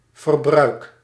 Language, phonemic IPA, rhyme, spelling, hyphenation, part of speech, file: Dutch, /vərˈbrœy̯k/, -œy̯k, verbruik, ver‧bruik, noun / verb, Nl-verbruik.ogg
- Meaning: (noun) consumption; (verb) inflection of verbruiken: 1. first-person singular present indicative 2. second-person singular present indicative 3. imperative